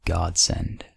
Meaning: An instance of unexpected benefit or good fortune; a windfall
- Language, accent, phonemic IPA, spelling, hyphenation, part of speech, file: English, General American, /ˈɡɑdˌsɛnd/, godsend, god‧send, noun, En-us-godsend.ogg